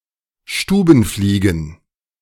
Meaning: plural of Stubenfliege
- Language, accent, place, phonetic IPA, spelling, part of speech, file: German, Germany, Berlin, [ˈʃtuːbn̩ˌfliːɡn̩], Stubenfliegen, noun, De-Stubenfliegen.ogg